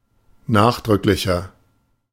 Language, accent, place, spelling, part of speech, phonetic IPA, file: German, Germany, Berlin, nachdrücklicher, adjective, [ˈnaːxdʁʏklɪçɐ], De-nachdrücklicher.ogg
- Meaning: 1. comparative degree of nachdrücklich 2. inflection of nachdrücklich: strong/mixed nominative masculine singular 3. inflection of nachdrücklich: strong genitive/dative feminine singular